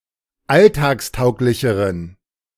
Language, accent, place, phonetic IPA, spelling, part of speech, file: German, Germany, Berlin, [ˈaltaːksˌtaʊ̯klɪçəʁən], alltagstauglicheren, adjective, De-alltagstauglicheren.ogg
- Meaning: inflection of alltagstauglich: 1. strong genitive masculine/neuter singular comparative degree 2. weak/mixed genitive/dative all-gender singular comparative degree